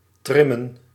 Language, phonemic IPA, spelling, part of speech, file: Dutch, /ˈtrɪmə(n)/, trimmen, verb, Nl-trimmen.ogg
- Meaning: 1. to work out, especially to jog 2. to trim the hair of a dog or a horse